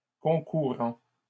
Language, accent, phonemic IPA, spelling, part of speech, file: French, Canada, /kɔ̃.ku.ʁɑ̃/, concourant, verb, LL-Q150 (fra)-concourant.wav
- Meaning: present participle of concourir